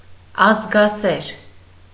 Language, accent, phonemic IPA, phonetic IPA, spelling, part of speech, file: Armenian, Eastern Armenian, /ɑzɡɑˈseɾ/, [ɑzɡɑséɾ], ազգասեր, adjective, Hy-ազգասեր.ogg
- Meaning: nationalistic, patriotic